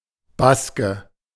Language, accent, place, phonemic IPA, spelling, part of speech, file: German, Germany, Berlin, /ˈbaskə/, Baske, noun, De-Baske.ogg
- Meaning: Basque (male or of unspecified gender)